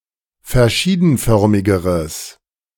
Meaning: strong/mixed nominative/accusative neuter singular comparative degree of verschiedenförmig
- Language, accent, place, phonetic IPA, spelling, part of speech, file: German, Germany, Berlin, [fɛɐ̯ˈʃiːdn̩ˌfœʁmɪɡəʁəs], verschiedenförmigeres, adjective, De-verschiedenförmigeres.ogg